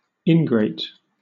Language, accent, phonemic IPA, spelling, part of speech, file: English, Southern England, /ˈɪnɡɹeɪt/, ingrate, adjective / noun, LL-Q1860 (eng)-ingrate.wav
- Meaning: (adjective) 1. Ungrateful 2. Unfriendly; unpleasant; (noun) An ungrateful or unpleasant person